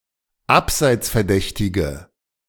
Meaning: inflection of abseitsverdächtig: 1. strong/mixed nominative/accusative feminine singular 2. strong nominative/accusative plural 3. weak nominative all-gender singular
- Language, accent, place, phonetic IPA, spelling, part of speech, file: German, Germany, Berlin, [ˈapzaɪ̯t͡sfɛɐ̯ˌdɛçtɪɡə], abseitsverdächtige, adjective, De-abseitsverdächtige.ogg